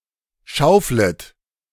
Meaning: second-person plural subjunctive I of schaufeln
- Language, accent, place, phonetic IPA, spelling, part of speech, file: German, Germany, Berlin, [ˈʃaʊ̯flət], schauflet, verb, De-schauflet.ogg